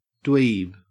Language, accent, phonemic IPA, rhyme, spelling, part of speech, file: English, Australia, /dwiːb/, -iːb, dweeb, noun, En-au-dweeb.ogg
- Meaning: A boring, studious, or socially inept person